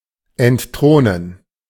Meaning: to dethrone
- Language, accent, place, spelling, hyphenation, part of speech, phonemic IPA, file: German, Germany, Berlin, entthronen, ent‧thro‧nen, verb, /ɛnˈtʁoːnən/, De-entthronen.ogg